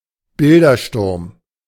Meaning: iconoclasm
- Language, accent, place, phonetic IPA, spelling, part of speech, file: German, Germany, Berlin, [ˈbɪldɐˌʃtʊʁm], Bildersturm, noun, De-Bildersturm.ogg